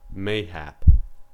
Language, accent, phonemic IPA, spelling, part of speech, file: English, US, /ˈmeɪhæp/, mayhap, adverb, En-us-mayhap.ogg
- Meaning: Maybe; perhaps; possibly; perchance